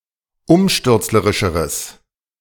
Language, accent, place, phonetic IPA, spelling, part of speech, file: German, Germany, Berlin, [ˈʊmʃtʏʁt͡sləʁɪʃəʁəs], umstürzlerischeres, adjective, De-umstürzlerischeres.ogg
- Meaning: strong/mixed nominative/accusative neuter singular comparative degree of umstürzlerisch